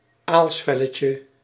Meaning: diminutive of aalsvel
- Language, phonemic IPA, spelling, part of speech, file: Dutch, /ˈalsfɛləcə/, aalsvelletje, noun, Nl-aalsvelletje.ogg